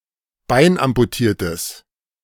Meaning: strong/mixed nominative/accusative neuter singular of beinamputiert
- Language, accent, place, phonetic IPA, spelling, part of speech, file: German, Germany, Berlin, [ˈbaɪ̯nʔampuˌtiːɐ̯təs], beinamputiertes, adjective, De-beinamputiertes.ogg